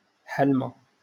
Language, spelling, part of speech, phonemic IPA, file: Moroccan Arabic, حلمة, noun, /ħal.ma/, LL-Q56426 (ary)-حلمة.wav
- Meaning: dream